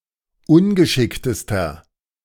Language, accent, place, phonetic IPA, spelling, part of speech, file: German, Germany, Berlin, [ˈʊnɡəˌʃɪktəstɐ], ungeschicktester, adjective, De-ungeschicktester.ogg
- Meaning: inflection of ungeschickt: 1. strong/mixed nominative masculine singular superlative degree 2. strong genitive/dative feminine singular superlative degree 3. strong genitive plural superlative degree